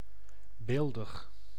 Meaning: beautiful, lovely
- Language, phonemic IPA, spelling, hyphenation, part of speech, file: Dutch, /ˈbeːl.dəx/, beeldig, beel‧dig, adjective, Nl-beeldig.ogg